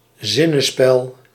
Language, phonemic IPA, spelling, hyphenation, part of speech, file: Dutch, /ˈzɪ.nəˌspɛl/, zinnespel, zin‧ne‧spel, noun, Nl-zinnespel.ogg
- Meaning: 1. allegorical drama (genre) 2. allegorical play, morality play (theatre play)